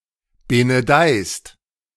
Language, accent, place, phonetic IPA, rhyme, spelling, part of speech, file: German, Germany, Berlin, [benəˈdaɪ̯st], -aɪ̯st, benedeist, verb, De-benedeist.ogg
- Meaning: second-person singular present of benedeien